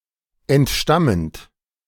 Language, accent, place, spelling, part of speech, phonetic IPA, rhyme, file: German, Germany, Berlin, entstammend, verb, [ɛntˈʃtamənt], -amənt, De-entstammend.ogg
- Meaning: present participle of entstammen